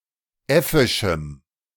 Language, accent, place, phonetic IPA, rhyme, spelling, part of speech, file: German, Germany, Berlin, [ˈɛfɪʃm̩], -ɛfɪʃm̩, äffischem, adjective, De-äffischem.ogg
- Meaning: strong dative masculine/neuter singular of äffisch